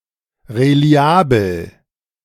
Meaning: reliable
- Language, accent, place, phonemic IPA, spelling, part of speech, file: German, Germany, Berlin, /ʁeˈli̯aːbl̩/, reliabel, adjective, De-reliabel.ogg